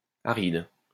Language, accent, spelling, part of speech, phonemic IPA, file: French, France, aride, adjective, /a.ʁid/, LL-Q150 (fra)-aride.wav
- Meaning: 1. arid (very dry) 2. dry (free from or lacking embellishment or sweetness)